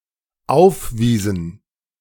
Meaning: inflection of aufweisen: 1. first/third-person plural dependent preterite 2. first/third-person plural dependent subjunctive II
- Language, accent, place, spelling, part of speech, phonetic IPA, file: German, Germany, Berlin, aufwiesen, verb, [ˈaʊ̯fˌviːzn̩], De-aufwiesen.ogg